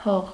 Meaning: 1. earth 2. soil 3. land 4. grave
- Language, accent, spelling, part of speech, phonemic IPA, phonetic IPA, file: Armenian, Eastern Armenian, հող, noun, /hoʁ/, [hoʁ], Hy-հող.ogg